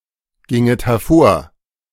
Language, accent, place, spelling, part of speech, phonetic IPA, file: German, Germany, Berlin, ginget hervor, verb, [ˌɡɪŋət hɛɐ̯ˈfoːɐ̯], De-ginget hervor.ogg
- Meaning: second-person plural subjunctive II of hervorgehen